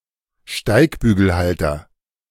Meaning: 1. backer, enabler (someone who helps another person or movement to attain power) 2. a person with the dedicated task of assisting a rider in mounting their horse
- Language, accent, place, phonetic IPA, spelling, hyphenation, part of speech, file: German, Germany, Berlin, [ˈʃtaɪ̯kbyːɡl̩ˌhaltɐ], Steigbügelhalter, Steig‧bü‧gel‧hal‧ter, noun, De-Steigbügelhalter.ogg